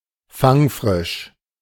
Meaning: freshly-caught (typically of fish)
- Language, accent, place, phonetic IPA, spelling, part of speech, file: German, Germany, Berlin, [ˈfaŋˌfʁɪʃ], fangfrisch, adjective, De-fangfrisch.ogg